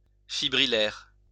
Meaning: fibrillary
- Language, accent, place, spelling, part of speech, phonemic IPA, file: French, France, Lyon, fibrillaire, adjective, /fi.bʁi.lɛʁ/, LL-Q150 (fra)-fibrillaire.wav